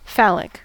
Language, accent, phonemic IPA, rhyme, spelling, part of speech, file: English, US, /ˈfælɪk/, -ælɪk, phallic, adjective, En-us-phallic.ogg
- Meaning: 1. Relating to, or characteristic of the penis 2. Shaped like an erect human penis 3. Relating to or exhibiting masculine or patriarchal traits, seen metaphorically as seated in the male genitalia